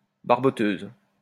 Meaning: rompers
- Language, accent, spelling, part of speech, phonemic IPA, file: French, France, barboteuse, noun, /baʁ.bɔ.tøz/, LL-Q150 (fra)-barboteuse.wav